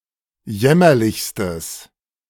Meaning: strong/mixed nominative/accusative neuter singular superlative degree of jämmerlich
- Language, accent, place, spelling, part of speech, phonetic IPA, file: German, Germany, Berlin, jämmerlichstes, adjective, [ˈjɛmɐlɪçstəs], De-jämmerlichstes.ogg